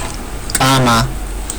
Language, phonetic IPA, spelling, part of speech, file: Georgian, [kʼämä], კამა, noun, Ka-kama.ogg
- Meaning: dill